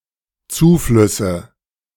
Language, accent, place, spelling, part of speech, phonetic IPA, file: German, Germany, Berlin, Zuflüsse, noun, [ˈt͡suːˌflʏsə], De-Zuflüsse.ogg
- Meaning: nominative/accusative/genitive plural of Zufluss